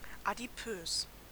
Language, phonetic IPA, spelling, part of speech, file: German, [ˌa.diˈpøːs], adipös, adjective, De-adipös.ogg
- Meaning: 1. adipose 2. obese